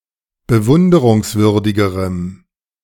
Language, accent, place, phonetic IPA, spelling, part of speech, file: German, Germany, Berlin, [bəˈvʊndəʁʊŋsˌvʏʁdɪɡəʁəm], bewunderungswürdigerem, adjective, De-bewunderungswürdigerem.ogg
- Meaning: strong dative masculine/neuter singular comparative degree of bewunderungswürdig